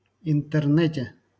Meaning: prepositional singular of интерне́т (intɛrnɛ́t)
- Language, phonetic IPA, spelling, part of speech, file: Russian, [ɪntɨrˈnɛtʲe], интернете, noun, LL-Q7737 (rus)-интернете.wav